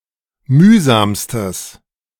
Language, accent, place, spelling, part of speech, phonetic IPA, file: German, Germany, Berlin, mühsamstes, adjective, [ˈmyːzaːmstəs], De-mühsamstes.ogg
- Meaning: strong/mixed nominative/accusative neuter singular superlative degree of mühsam